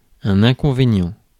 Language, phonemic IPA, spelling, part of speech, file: French, /ɛ̃.kɔ̃.ve.njɑ̃/, inconvénient, noun, Fr-inconvénient.ogg
- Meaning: 1. inconvenience 2. drawback, disadvantage